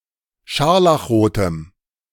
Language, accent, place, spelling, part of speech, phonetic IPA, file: German, Germany, Berlin, scharlachrotem, adjective, [ˈʃaʁlaxˌʁoːtəm], De-scharlachrotem.ogg
- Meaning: strong dative masculine/neuter singular of scharlachrot